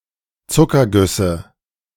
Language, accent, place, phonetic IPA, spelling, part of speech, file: German, Germany, Berlin, [ˈt͡sʊkɐˌɡʏsə], Zuckergüsse, noun, De-Zuckergüsse.ogg
- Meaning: nominative/accusative/genitive plural of Zuckerguss